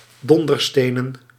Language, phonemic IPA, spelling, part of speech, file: Dutch, /ˈdɔndərstenən/, donderstenen, verb / noun, Nl-donderstenen.ogg
- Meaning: plural of dondersteen